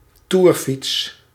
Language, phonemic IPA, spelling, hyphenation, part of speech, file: Dutch, /ˈtur.fits/, toerfiets, toer‧fiets, noun, Nl-toerfiets.ogg
- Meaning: a bicycle designed or modified for touring with luggage, a touring bicycle